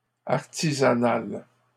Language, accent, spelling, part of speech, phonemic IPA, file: French, Canada, artisanale, adjective, /aʁ.ti.za.nal/, LL-Q150 (fra)-artisanale.wav
- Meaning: feminine singular of artisanal